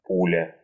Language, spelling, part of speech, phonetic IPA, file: Russian, пуля, noun, [ˈpulʲə], Ru-пу́ля.ogg
- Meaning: 1. bullet (projectile) 2. cartridge (assembled package of bullet, primer and casing)